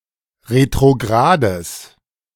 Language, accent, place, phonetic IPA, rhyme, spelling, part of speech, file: German, Germany, Berlin, [ʁetʁoˈɡʁaːdəs], -aːdəs, retrogrades, adjective, De-retrogrades.ogg
- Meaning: strong/mixed nominative/accusative neuter singular of retrograd